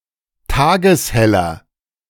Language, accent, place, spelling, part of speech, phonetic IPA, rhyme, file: German, Germany, Berlin, tagesheller, adjective, [ˈtaːɡəsˈhɛlɐ], -ɛlɐ, De-tagesheller.ogg
- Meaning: inflection of tageshell: 1. strong/mixed nominative masculine singular 2. strong genitive/dative feminine singular 3. strong genitive plural